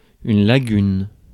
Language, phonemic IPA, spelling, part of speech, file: French, /la.ɡyn/, lagune, noun, Fr-lagune.ogg
- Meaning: lagoon, shallow body of coastal water